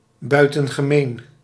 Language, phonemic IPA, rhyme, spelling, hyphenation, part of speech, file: Dutch, /ˌbœy̯.tə(n).ɣəˈmeːn/, -eːn, buitengemeen, bui‧ten‧ge‧meen, adjective, Nl-buitengemeen.ogg
- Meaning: exceptional, uncommon